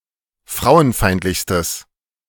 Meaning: strong/mixed nominative/accusative neuter singular superlative degree of frauenfeindlich
- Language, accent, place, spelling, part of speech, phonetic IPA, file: German, Germany, Berlin, frauenfeindlichstes, adjective, [ˈfʁaʊ̯ənˌfaɪ̯ntlɪçstəs], De-frauenfeindlichstes.ogg